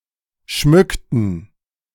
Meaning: inflection of schmücken: 1. first/third-person plural preterite 2. first/third-person plural subjunctive II
- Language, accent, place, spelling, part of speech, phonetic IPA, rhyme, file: German, Germany, Berlin, schmückten, verb, [ˈʃmʏktn̩], -ʏktn̩, De-schmückten.ogg